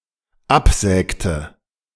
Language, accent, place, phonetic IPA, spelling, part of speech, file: German, Germany, Berlin, [ˈapˌzɛːktə], absägte, verb, De-absägte.ogg
- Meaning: inflection of absägen: 1. first/third-person singular dependent preterite 2. first/third-person singular dependent subjunctive II